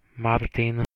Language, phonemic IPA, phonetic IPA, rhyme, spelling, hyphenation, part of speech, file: Slovak, /martin/, [ˈmartin], -artin, Martin, Mar‧tin, proper noun, Sk-Martin.ogg
- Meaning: 1. a male given name from Latin, equivalent to English Martin 2. Martin (a city in Slovakia)